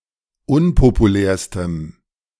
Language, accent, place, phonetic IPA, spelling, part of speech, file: German, Germany, Berlin, [ˈʊnpopuˌlɛːɐ̯stəm], unpopulärstem, adjective, De-unpopulärstem.ogg
- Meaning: strong dative masculine/neuter singular superlative degree of unpopulär